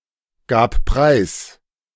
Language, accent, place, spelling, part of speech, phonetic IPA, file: German, Germany, Berlin, gab preis, verb, [ˌɡaːp ˈpʁaɪ̯s], De-gab preis.ogg
- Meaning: first/third-person singular preterite of preisgeben